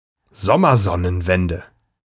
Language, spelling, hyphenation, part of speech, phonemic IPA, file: German, Sommersonnenwende, Som‧mer‧son‧nen‧wen‧de, noun, /ˈzɔmɐˌzɔnənvɛndə/, De-Sommersonnenwende.ogg
- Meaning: summer solstice